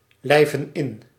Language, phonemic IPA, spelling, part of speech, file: Dutch, /lɛɪvə(n) ɪn/, lijven in, verb, Nl-lijven in.ogg
- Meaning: inflection of inlijven: 1. plural present indicative 2. plural present subjunctive